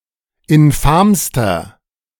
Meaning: inflection of infam: 1. strong/mixed nominative masculine singular superlative degree 2. strong genitive/dative feminine singular superlative degree 3. strong genitive plural superlative degree
- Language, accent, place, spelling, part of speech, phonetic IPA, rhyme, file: German, Germany, Berlin, infamster, adjective, [ɪnˈfaːmstɐ], -aːmstɐ, De-infamster.ogg